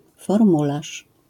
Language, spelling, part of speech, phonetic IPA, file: Polish, formularz, noun, [fɔrˈmulaʃ], LL-Q809 (pol)-formularz.wav